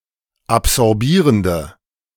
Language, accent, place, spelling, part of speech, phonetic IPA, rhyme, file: German, Germany, Berlin, absorbierende, adjective, [apzɔʁˈbiːʁəndə], -iːʁəndə, De-absorbierende.ogg
- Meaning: inflection of absorbierend: 1. strong/mixed nominative/accusative feminine singular 2. strong nominative/accusative plural 3. weak nominative all-gender singular